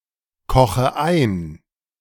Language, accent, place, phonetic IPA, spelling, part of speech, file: German, Germany, Berlin, [ˌkɔxə ˈaɪ̯n], koche ein, verb, De-koche ein.ogg
- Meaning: inflection of einkochen: 1. first-person singular present 2. first/third-person singular subjunctive I 3. singular imperative